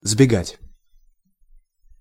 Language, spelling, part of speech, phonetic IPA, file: Russian, сбегать, verb, [zbʲɪˈɡatʲ], Ru-сбега́ть.ogg
- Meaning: 1. to run down (from) 2. to run away, to make off, to flee, to break out 3. to escape 4. to elope